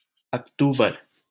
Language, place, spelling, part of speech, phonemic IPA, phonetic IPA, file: Hindi, Delhi, अक्तूबर, noun, /ək.t̪uː.bəɾ/, [ɐk.t̪uː.bɐɾ], LL-Q1568 (hin)-अक्तूबर.wav
- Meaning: alternative form of अक्टूबर (akṭūbar, “October”)